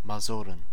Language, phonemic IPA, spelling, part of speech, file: German, /maˈzuːʁən/, Masuren, proper noun / noun, De-Masuren.ogg
- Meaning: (proper noun) Masuria (an area in northeastern Poland); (noun) plural of Masure